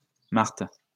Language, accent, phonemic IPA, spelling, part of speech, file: French, France, /maʁt/, Marthe, proper noun, LL-Q150 (fra)-Marthe.wav
- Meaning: 1. Martha (biblical character) 2. a female given name, equivalent to English Martha